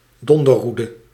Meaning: a lightning rod
- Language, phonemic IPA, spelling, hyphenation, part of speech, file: Dutch, /ˈdɔn.də(r)ˌru.də/, donderroede, don‧der‧roe‧de, noun, Nl-donderroede.ogg